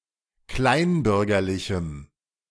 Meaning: strong dative masculine/neuter singular of kleinbürgerlich
- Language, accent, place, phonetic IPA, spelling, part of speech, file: German, Germany, Berlin, [ˈklaɪ̯nˌbʏʁɡɐlɪçm̩], kleinbürgerlichem, adjective, De-kleinbürgerlichem.ogg